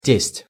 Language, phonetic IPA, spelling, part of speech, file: Russian, [tʲesʲtʲ], тесть, noun, Ru-тесть.ogg
- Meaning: the father of one's wife; father-in-law